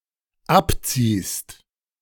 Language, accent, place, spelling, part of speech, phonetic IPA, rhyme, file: German, Germany, Berlin, abziehst, verb, [ˈapˌt͡siːst], -apt͡siːst, De-abziehst.ogg
- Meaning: second-person singular dependent present of abziehen